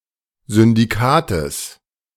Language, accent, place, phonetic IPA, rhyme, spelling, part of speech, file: German, Germany, Berlin, [zʏndiˈkaːtəs], -aːtəs, Syndikates, noun, De-Syndikates.ogg
- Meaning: genitive singular of Syndikat